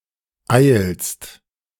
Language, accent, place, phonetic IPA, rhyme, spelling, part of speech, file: German, Germany, Berlin, [aɪ̯lst], -aɪ̯lst, eilst, verb, De-eilst.ogg
- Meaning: second-person singular present of eilen